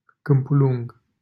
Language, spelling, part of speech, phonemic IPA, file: Romanian, Câmpulung, proper noun, /kɨmpuˈluŋɡ/, LL-Q7913 (ron)-Câmpulung.wav
- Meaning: 1. a city in Argeș County, Romania 2. a county of Romania